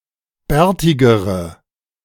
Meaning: inflection of bärtig: 1. strong/mixed nominative/accusative feminine singular comparative degree 2. strong nominative/accusative plural comparative degree
- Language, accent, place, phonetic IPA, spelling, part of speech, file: German, Germany, Berlin, [ˈbɛːɐ̯tɪɡəʁə], bärtigere, adjective, De-bärtigere.ogg